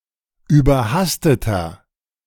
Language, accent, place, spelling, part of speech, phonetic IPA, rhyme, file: German, Germany, Berlin, überhasteter, adjective, [yːbɐˈhastətɐ], -astətɐ, De-überhasteter.ogg
- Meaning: inflection of überhastet: 1. strong/mixed nominative masculine singular 2. strong genitive/dative feminine singular 3. strong genitive plural